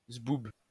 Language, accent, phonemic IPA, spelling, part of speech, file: French, France, /zbub/, zboob, noun, LL-Q150 (fra)-zboob.wav
- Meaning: penis